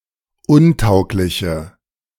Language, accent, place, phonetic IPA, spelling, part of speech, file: German, Germany, Berlin, [ˈʊnˌtaʊ̯klɪçə], untaugliche, adjective, De-untaugliche.ogg
- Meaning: inflection of untauglich: 1. strong/mixed nominative/accusative feminine singular 2. strong nominative/accusative plural 3. weak nominative all-gender singular